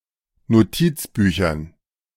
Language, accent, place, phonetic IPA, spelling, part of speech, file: German, Germany, Berlin, [noˈtiːt͡sˌbyːçɐn], Notizbüchern, noun, De-Notizbüchern.ogg
- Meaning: dative plural of Notizbuch